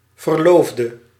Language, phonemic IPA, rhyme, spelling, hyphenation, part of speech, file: Dutch, /vərˈloːf.də/, -oːfdə, verloofde, ver‧loof‧de, noun / adjective / verb, Nl-verloofde.ogg
- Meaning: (noun) a betrothed, a fiancée or fiancé; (adjective) inflection of verloofd: 1. masculine/feminine singular attributive 2. definite neuter singular attributive 3. plural attributive